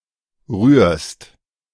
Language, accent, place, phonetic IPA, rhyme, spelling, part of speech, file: German, Germany, Berlin, [ʁyːɐ̯st], -yːɐ̯st, rührst, verb, De-rührst.ogg
- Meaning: second-person singular present of rühren